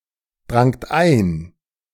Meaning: second-person plural preterite of eindringen
- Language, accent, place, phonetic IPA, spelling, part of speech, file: German, Germany, Berlin, [ˌdʁaŋt ˈaɪ̯n], drangt ein, verb, De-drangt ein.ogg